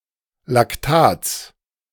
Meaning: genitive singular of Lactat
- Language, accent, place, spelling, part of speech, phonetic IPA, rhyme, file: German, Germany, Berlin, Lactats, noun, [lakˈtaːt͡s], -aːt͡s, De-Lactats.ogg